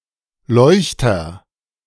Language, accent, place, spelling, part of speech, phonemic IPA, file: German, Germany, Berlin, Leuchter, noun / proper noun, /ˈlɔɪ̯çtɐ/, De-Leuchter.ogg
- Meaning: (noun) 1. candlestick, sconce 2. candelabra; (proper noun) a surname